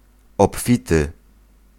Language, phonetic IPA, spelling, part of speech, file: Polish, [ɔpˈfʲitɨ], obfity, adjective, Pl-obfity.ogg